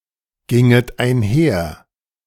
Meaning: second-person plural subjunctive I of einhergehen
- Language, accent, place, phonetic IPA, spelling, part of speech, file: German, Germany, Berlin, [ˌɡɪŋət aɪ̯nˈhɛɐ̯], ginget einher, verb, De-ginget einher.ogg